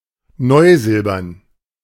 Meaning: nickel silver, German silver
- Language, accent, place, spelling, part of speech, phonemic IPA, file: German, Germany, Berlin, neusilbern, adjective, /ˈnɔɪ̯ˌzɪlbɐn/, De-neusilbern.ogg